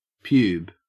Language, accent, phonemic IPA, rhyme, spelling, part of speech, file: English, Australia, /pjuːb/, -uːb, pube, noun, En-au-pube.ogg
- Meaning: A single pubic hair